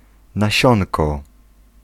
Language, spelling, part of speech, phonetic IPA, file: Polish, nasionko, noun, [naˈɕɔ̃nkɔ], Pl-nasionko.ogg